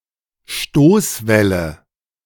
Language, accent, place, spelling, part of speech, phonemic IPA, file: German, Germany, Berlin, Stoßwelle, noun, /ˈʃtoːsˌvɛlə/, De-Stoßwelle.ogg
- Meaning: shock wave